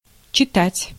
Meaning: 1. to read 2. to recite 3. to lecture, to give a lecture, to deliver a lecture 4. to teach 5. to tell, to say (for the purpose of a lesson) 6. to pronounce, to deliver
- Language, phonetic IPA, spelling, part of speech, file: Russian, [t͡ɕɪˈtatʲ], читать, verb, Ru-читать.ogg